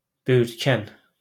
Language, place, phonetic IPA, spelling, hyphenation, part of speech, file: Azerbaijani, Baku, [bœjyrtˈcæn], böyürtkən, bö‧yürt‧kən, noun, LL-Q9292 (aze)-böyürtkən.wav
- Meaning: blackberry